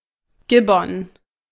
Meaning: gibbon
- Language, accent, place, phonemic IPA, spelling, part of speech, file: German, Germany, Berlin, /ˈɡɪbɔn/, Gibbon, noun, De-Gibbon.ogg